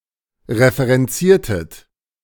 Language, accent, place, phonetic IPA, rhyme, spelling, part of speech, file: German, Germany, Berlin, [ʁefəʁɛnˈt͡siːɐ̯tət], -iːɐ̯tət, referenziertet, verb, De-referenziertet.ogg
- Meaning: inflection of referenzieren: 1. second-person plural preterite 2. second-person plural subjunctive II